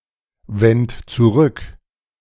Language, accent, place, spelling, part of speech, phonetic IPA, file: German, Germany, Berlin, wend zurück, verb, [ˌvɛnt t͡suˈʁʏk], De-wend zurück.ogg
- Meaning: 1. first-person plural preterite of zurückwenden 2. third-person plural preterite of zurückwenden# second-person plural preterite of zurückwenden# singular imperative of zurückwenden